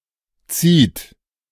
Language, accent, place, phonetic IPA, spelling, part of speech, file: German, Germany, Berlin, [-t͡siːt], -zid, suffix, De--zid.ogg
- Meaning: -cide